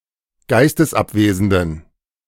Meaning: inflection of geistesabwesend: 1. strong genitive masculine/neuter singular 2. weak/mixed genitive/dative all-gender singular 3. strong/weak/mixed accusative masculine singular 4. strong dative plural
- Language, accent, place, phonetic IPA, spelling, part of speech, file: German, Germany, Berlin, [ˈɡaɪ̯stəsˌʔapveːzn̩dən], geistesabwesenden, adjective, De-geistesabwesenden.ogg